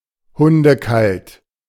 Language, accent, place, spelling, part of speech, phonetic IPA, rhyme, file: German, Germany, Berlin, hundekalt, adjective, [ˌhʊndəˈkalt], -alt, De-hundekalt.ogg
- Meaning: freezing cold